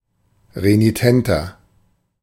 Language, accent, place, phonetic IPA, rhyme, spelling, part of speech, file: German, Germany, Berlin, [ʁeniˈtɛntɐ], -ɛntɐ, renitenter, adjective, De-renitenter.ogg
- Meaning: 1. comparative degree of renitent 2. inflection of renitent: strong/mixed nominative masculine singular 3. inflection of renitent: strong genitive/dative feminine singular